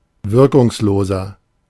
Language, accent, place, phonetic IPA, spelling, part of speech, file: German, Germany, Berlin, [ˈvɪʁkʊŋsˌloːzɐ], wirkungsloser, adjective, De-wirkungsloser.ogg
- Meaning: 1. comparative degree of wirkungslos 2. inflection of wirkungslos: strong/mixed nominative masculine singular 3. inflection of wirkungslos: strong genitive/dative feminine singular